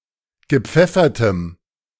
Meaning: strong dative masculine/neuter singular of gepfeffert
- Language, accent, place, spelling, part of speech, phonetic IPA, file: German, Germany, Berlin, gepfeffertem, adjective, [ɡəˈp͡fɛfɐtəm], De-gepfeffertem.ogg